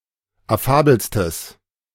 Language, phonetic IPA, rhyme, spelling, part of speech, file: German, [aˈfaːbl̩stəs], -aːbl̩stəs, affabelstes, adjective, De-affabelstes.oga
- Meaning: strong/mixed nominative/accusative neuter singular superlative degree of affabel